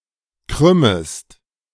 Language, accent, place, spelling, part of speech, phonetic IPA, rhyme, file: German, Germany, Berlin, krümmest, verb, [ˈkʁʏməst], -ʏməst, De-krümmest.ogg
- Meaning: second-person singular subjunctive I of krümmen